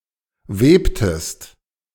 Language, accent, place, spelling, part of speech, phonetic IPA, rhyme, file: German, Germany, Berlin, webtest, verb, [ˈveːptəst], -eːptəst, De-webtest.ogg
- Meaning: inflection of weben: 1. second-person singular preterite 2. second-person singular subjunctive II